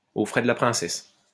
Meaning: for free, at the company's or at the taxpayer's expense
- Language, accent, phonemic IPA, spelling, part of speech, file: French, France, /o fʁɛ d(ə) la pʁɛ̃.sɛs/, aux frais de la princesse, prepositional phrase, LL-Q150 (fra)-aux frais de la princesse.wav